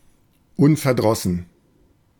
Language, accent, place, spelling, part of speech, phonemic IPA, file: German, Germany, Berlin, unverdrossen, adjective, /ˈʊnfɛɐ̯ˌdʁɔsn̩/, De-unverdrossen.ogg
- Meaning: undaunted, indefatigable, undeterred, untiring